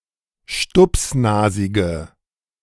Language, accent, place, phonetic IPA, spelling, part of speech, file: German, Germany, Berlin, [ˈʃtʊpsˌnaːzɪɡə], stupsnasige, adjective, De-stupsnasige.ogg
- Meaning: inflection of stupsnasig: 1. strong/mixed nominative/accusative feminine singular 2. strong nominative/accusative plural 3. weak nominative all-gender singular